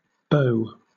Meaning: plural of beau
- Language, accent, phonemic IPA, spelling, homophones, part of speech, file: English, Southern England, /bəʊ/, beaux, bow, noun, LL-Q1860 (eng)-beaux.wav